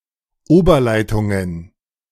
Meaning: plural of Oberleitung
- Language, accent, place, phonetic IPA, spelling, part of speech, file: German, Germany, Berlin, [ˈoːbɐˌlaɪ̯tʊŋən], Oberleitungen, noun, De-Oberleitungen.ogg